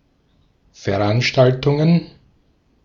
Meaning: plural of Veranstaltung
- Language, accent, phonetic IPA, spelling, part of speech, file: German, Austria, [fɛɐ̯ˈʔanʃtaltʊŋən], Veranstaltungen, noun, De-at-Veranstaltungen.ogg